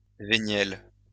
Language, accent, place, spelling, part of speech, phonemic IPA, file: French, France, Lyon, véniel, adjective, /ve.njɛl/, LL-Q150 (fra)-véniel.wav
- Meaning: Veniel, pardonable